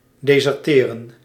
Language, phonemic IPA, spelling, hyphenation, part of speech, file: Dutch, /deːzərˈteːrə(n)/, deserteren, de‧ser‧te‧ren, verb, Nl-deserteren.ogg
- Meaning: to desert